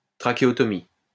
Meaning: tracheotomy
- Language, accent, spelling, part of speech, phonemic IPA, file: French, France, trachéotomie, noun, /tʁa.ke.ɔ.tɔ.mi/, LL-Q150 (fra)-trachéotomie.wav